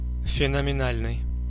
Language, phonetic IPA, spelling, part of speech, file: Russian, [fʲɪnəmʲɪˈnalʲnɨj], феноменальный, adjective, Ru-феноменальный.ogg
- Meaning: phenomenal